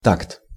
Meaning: 1. time 2. measure, bar 3. tact
- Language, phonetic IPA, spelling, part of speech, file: Russian, [takt], такт, noun, Ru-такт.ogg